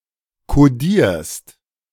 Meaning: second-person singular present of kodieren
- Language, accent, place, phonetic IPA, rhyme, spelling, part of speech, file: German, Germany, Berlin, [koˈdiːɐ̯st], -iːɐ̯st, kodierst, verb, De-kodierst.ogg